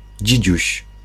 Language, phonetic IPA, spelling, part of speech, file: Polish, [ˈd͡ʑid͡ʑüɕ], dzidziuś, noun, Pl-dzidziuś.ogg